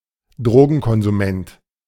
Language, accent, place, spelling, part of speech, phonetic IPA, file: German, Germany, Berlin, Drogenkonsument, noun, [ˈdʁoːɡn̩kɔnzuˌmɛnt], De-Drogenkonsument.ogg
- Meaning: drug user, drug taker, druggie (male or of unspecified gender)